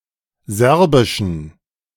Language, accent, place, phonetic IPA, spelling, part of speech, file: German, Germany, Berlin, [ˈzɛʁbɪʃn̩], Serbischen, noun, De-Serbischen.ogg
- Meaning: genitive singular of Serbisch